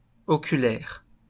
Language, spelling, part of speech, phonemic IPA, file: French, oculaire, adjective / noun, /ɔ.ky.lɛʁ/, LL-Q150 (fra)-oculaire.wav
- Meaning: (adjective) eye; ocular; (noun) eyepiece, ocular